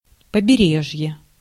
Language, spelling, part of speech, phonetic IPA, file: Russian, побережье, noun, [pəbʲɪˈrʲeʐje], Ru-побережье.ogg
- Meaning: shore, coast, seaboard, littoral